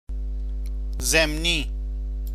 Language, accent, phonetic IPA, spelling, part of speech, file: Persian, Iran, [zem.níː], ضمنی, adjective, Fa-ضمنی.ogg
- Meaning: implicit (in meaning)